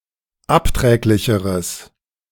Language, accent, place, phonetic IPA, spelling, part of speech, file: German, Germany, Berlin, [ˈapˌtʁɛːklɪçəʁəs], abträglicheres, adjective, De-abträglicheres.ogg
- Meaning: strong/mixed nominative/accusative neuter singular comparative degree of abträglich